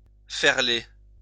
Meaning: to furl, to roll up (a sail)
- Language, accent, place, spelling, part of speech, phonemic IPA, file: French, France, Lyon, ferler, verb, /fɛʁ.le/, LL-Q150 (fra)-ferler.wav